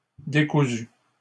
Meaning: feminine singular of décousu
- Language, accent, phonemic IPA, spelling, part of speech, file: French, Canada, /de.ku.zy/, décousue, adjective, LL-Q150 (fra)-décousue.wav